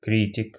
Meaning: 1. critic 2. anatomist 3. animadverter 4. genitive plural of кри́тика (krítika)
- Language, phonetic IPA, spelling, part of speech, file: Russian, [ˈkrʲitʲɪk], критик, noun, Ru-критик.ogg